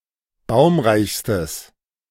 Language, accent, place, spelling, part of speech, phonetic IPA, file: German, Germany, Berlin, baumreichstes, adjective, [ˈbaʊ̯mʁaɪ̯çstəs], De-baumreichstes.ogg
- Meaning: strong/mixed nominative/accusative neuter singular superlative degree of baumreich